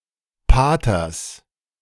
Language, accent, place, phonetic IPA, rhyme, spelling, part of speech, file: German, Germany, Berlin, [ˈpaːtɐs], -aːtɐs, Paters, noun, De-Paters.ogg
- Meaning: genitive singular of Pater